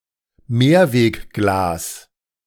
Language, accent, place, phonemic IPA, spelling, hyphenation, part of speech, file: German, Germany, Berlin, /ˈmeːɐ̯veːkˌɡlaːs/, Mehrwegglas, Mehr‧weg‧glas, noun, De-Mehrwegglas.ogg
- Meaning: reusable glass jars